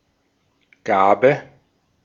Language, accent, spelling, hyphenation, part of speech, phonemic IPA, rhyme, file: German, Austria, Gabe, Ga‧be, noun, /ˈɡaːbə/, -aːbə, De-at-Gabe.ogg
- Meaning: 1. gift, present, donation, alms 2. administration, dose (act of giving medication)